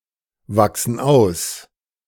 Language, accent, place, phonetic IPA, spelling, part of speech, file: German, Germany, Berlin, [ˌvaksn̩ ˈaʊ̯s], wachsen aus, verb, De-wachsen aus.ogg
- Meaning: inflection of auswachsen: 1. first/third-person plural present 2. first/third-person plural subjunctive I